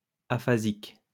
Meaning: aphasic
- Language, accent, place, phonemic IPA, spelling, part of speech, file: French, France, Lyon, /a.fa.zik/, aphasique, adjective, LL-Q150 (fra)-aphasique.wav